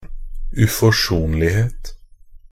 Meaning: 1. irreconcilableness (the quality of being irreconcilable) 2. implacableness, relentlessness (the condition or quality of being implacable and relentless)
- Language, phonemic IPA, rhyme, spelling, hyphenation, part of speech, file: Norwegian Bokmål, /ʉfɔˈʂuːnlɪheːt/, -eːt, uforsonlighet, u‧fors‧on‧lig‧het, noun, Nb-uforsonlighet.ogg